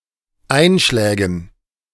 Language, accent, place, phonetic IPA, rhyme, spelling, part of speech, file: German, Germany, Berlin, [ˈaɪ̯nˌʃlɛːɡn̩], -aɪ̯nʃlɛːɡn̩, Einschlägen, noun, De-Einschlägen.ogg
- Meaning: dative plural of Einschlag